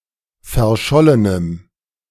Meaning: strong dative masculine/neuter singular of verschollen
- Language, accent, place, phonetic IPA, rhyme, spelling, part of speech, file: German, Germany, Berlin, [fɛɐ̯ˈʃɔlənəm], -ɔlənəm, verschollenem, adjective, De-verschollenem.ogg